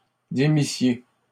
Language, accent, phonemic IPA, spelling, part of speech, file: French, Canada, /de.mi.sje/, démissiez, verb, LL-Q150 (fra)-démissiez.wav
- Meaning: second-person plural imperfect subjunctive of démettre